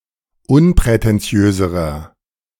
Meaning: inflection of unprätentiös: 1. strong/mixed nominative masculine singular comparative degree 2. strong genitive/dative feminine singular comparative degree 3. strong genitive plural comparative degree
- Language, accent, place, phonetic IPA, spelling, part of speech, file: German, Germany, Berlin, [ˈʊnpʁɛtɛnˌt͡si̯øːzəʁɐ], unprätentiöserer, adjective, De-unprätentiöserer.ogg